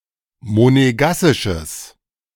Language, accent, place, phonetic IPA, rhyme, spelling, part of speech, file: German, Germany, Berlin, [moneˈɡasɪʃəs], -asɪʃəs, monegassisches, adjective, De-monegassisches.ogg
- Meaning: strong/mixed nominative/accusative neuter singular of monegassisch